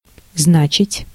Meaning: 1. to mean, to signify 2. to mean, to be of importance, to matter
- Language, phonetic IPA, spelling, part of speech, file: Russian, [ˈznat͡ɕɪtʲ], значить, verb, Ru-значить.ogg